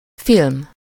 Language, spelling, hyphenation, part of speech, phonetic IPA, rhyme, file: Hungarian, film, film, noun, [ˈfilm], -ilm, Hu-film.ogg
- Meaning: film (a medium used to capture images in a camera)